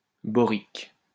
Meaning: boric
- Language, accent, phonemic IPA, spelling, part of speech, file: French, France, /bɔ.ʁik/, borique, adjective, LL-Q150 (fra)-borique.wav